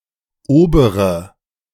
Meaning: inflection of oberer: 1. strong/mixed nominative/accusative feminine singular 2. strong nominative/accusative plural 3. weak nominative all-gender singular 4. weak accusative feminine/neuter singular
- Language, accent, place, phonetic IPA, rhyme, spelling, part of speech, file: German, Germany, Berlin, [ˈoːbəʁə], -oːbəʁə, obere, adjective, De-obere.ogg